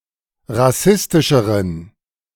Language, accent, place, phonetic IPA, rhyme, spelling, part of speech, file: German, Germany, Berlin, [ʁaˈsɪstɪʃəʁən], -ɪstɪʃəʁən, rassistischeren, adjective, De-rassistischeren.ogg
- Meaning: inflection of rassistisch: 1. strong genitive masculine/neuter singular comparative degree 2. weak/mixed genitive/dative all-gender singular comparative degree